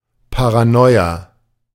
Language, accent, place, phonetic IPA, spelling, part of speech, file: German, Germany, Berlin, [pa.ʁaˈnɔɪ̯.a], Paranoia, noun, De-Paranoia.ogg
- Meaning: paranoia